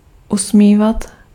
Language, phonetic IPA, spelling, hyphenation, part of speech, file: Czech, [ˈusmiːvat], usmívat, usmí‧vat, verb, Cs-usmívat.ogg
- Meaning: imperfective form of usmát